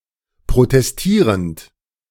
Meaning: present participle of protestieren
- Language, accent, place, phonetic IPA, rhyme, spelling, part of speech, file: German, Germany, Berlin, [pʁotɛsˈtiːʁənt], -iːʁənt, protestierend, verb, De-protestierend.ogg